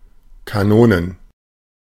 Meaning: plural of Kanone
- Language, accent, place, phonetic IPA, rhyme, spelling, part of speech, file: German, Germany, Berlin, [kaˈnoːnən], -oːnən, Kanonen, noun, De-Kanonen.ogg